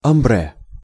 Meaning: odor, smell
- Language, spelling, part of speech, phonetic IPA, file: Russian, амбре, noun, [ɐmˈbrɛ], Ru-амбре.ogg